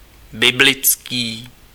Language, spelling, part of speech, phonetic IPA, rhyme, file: Czech, biblický, adjective, [ˈbɪblɪt͡skiː], -ɪtskiː, Cs-biblický.ogg
- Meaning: biblical